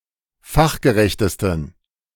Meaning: 1. superlative degree of fachgerecht 2. inflection of fachgerecht: strong genitive masculine/neuter singular superlative degree
- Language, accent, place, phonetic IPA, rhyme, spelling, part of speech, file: German, Germany, Berlin, [ˈfaxɡəˌʁɛçtəstn̩], -axɡəʁɛçtəstn̩, fachgerechtesten, adjective, De-fachgerechtesten.ogg